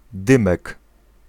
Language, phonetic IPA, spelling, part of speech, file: Polish, [ˈdɨ̃mɛk], dymek, noun, Pl-dymek.ogg